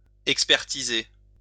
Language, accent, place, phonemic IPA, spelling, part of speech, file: French, France, Lyon, /ɛk.spɛʁ.ti.ze/, expertiser, verb, LL-Q150 (fra)-expertiser.wav
- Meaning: to appraise, value